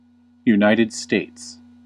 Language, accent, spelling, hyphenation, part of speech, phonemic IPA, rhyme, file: English, US, United States, Unit‧ed States, proper noun, /juˌnaɪtɪ̈d ˈsteɪts/, -eɪts, En-us-United States.ogg
- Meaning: A country in North America, also including Hawaii in Oceania; in full, United States of America